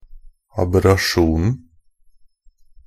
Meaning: definite singular of aberrasjon
- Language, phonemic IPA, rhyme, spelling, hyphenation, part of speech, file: Norwegian Bokmål, /abɛraˈʃuːnn̩/, -uːnn̩, aberrasjonen, ab‧er‧ra‧sjon‧en, noun, NB - Pronunciation of Norwegian Bokmål «aberrasjonen».ogg